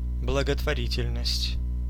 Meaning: charity, philanthropy, welfare
- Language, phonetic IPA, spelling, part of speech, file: Russian, [bɫəɡətvɐˈrʲitʲɪlʲnəsʲtʲ], благотворительность, noun, Ru-благотворительность.ogg